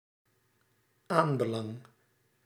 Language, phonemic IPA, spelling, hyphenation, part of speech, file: Dutch, /ˈaːn.bəˌlɑŋ/, aanbelang, aan‧be‧lang, noun, Nl-aanbelang.ogg
- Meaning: importance, interest